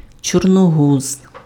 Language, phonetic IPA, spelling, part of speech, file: Ukrainian, [t͡ʃɔrnoˈɦuz], чорногуз, noun, Uk-чорногуз.ogg
- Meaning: stork